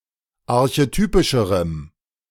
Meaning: strong dative masculine/neuter singular comparative degree of archetypisch
- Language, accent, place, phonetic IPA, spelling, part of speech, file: German, Germany, Berlin, [aʁçeˈtyːpɪʃəʁəm], archetypischerem, adjective, De-archetypischerem.ogg